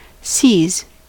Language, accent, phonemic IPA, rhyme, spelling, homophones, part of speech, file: English, US, /siːz/, -iːz, sees, seas / seize / C's, verb / noun, En-us-sees.ogg
- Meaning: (verb) third-person singular simple present indicative of see; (noun) plural of see